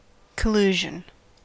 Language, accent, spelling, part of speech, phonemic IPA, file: English, US, collusion, noun, /kəˈluːʒən/, En-us-collusion.ogg
- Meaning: A private, cooperative agreement or arrangement between groups that otherwise maintain the pretense of competition, contention or non-cooperation